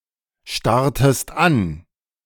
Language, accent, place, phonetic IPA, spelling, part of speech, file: German, Germany, Berlin, [ˌʃtaʁtəst ˈan], starrtest an, verb, De-starrtest an.ogg
- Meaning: inflection of anstarren: 1. second-person singular preterite 2. second-person singular subjunctive II